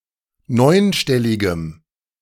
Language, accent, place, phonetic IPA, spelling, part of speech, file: German, Germany, Berlin, [ˈnɔɪ̯nˌʃtɛlɪɡəm], neunstelligem, adjective, De-neunstelligem.ogg
- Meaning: strong dative masculine/neuter singular of neunstellig